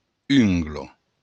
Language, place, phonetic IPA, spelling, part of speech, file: Occitan, Béarn, [ˈyŋɡlo], ungla, noun, LL-Q14185 (oci)-ungla.wav
- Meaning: nail, fingernail